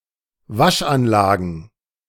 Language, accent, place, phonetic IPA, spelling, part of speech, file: German, Germany, Berlin, [ˈvaʃʔanˌlaːɡn̩], Waschanlagen, noun, De-Waschanlagen.ogg
- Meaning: plural of Waschanlage